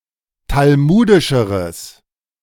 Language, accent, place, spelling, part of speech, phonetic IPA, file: German, Germany, Berlin, talmudischeres, adjective, [talˈmuːdɪʃəʁəs], De-talmudischeres.ogg
- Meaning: strong/mixed nominative/accusative neuter singular comparative degree of talmudisch